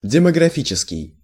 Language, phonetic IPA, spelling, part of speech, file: Russian, [dʲɪməɡrɐˈfʲit͡ɕɪskʲɪj], демографический, adjective, Ru-демографический.ogg
- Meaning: demographic